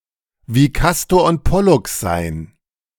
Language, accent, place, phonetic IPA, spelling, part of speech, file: German, Germany, Berlin, [viː ˈkastoːɐ̯ ʊnt ˈpɔlʊks zaɪ̯n], wie Kastor und Pollux sein, verb, De-wie Kastor und Pollux sein.ogg
- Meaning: to be very close friends